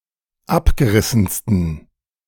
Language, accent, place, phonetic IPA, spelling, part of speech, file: German, Germany, Berlin, [ˈapɡəˌʁɪsn̩stən], abgerissensten, adjective, De-abgerissensten.ogg
- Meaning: 1. superlative degree of abgerissen 2. inflection of abgerissen: strong genitive masculine/neuter singular superlative degree